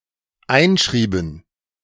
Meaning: inflection of einschreiben: 1. first/third-person plural dependent preterite 2. first/third-person plural dependent subjunctive II
- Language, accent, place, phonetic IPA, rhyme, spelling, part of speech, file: German, Germany, Berlin, [ˈaɪ̯nˌʃʁiːbn̩], -aɪ̯nʃʁiːbn̩, einschrieben, verb, De-einschrieben.ogg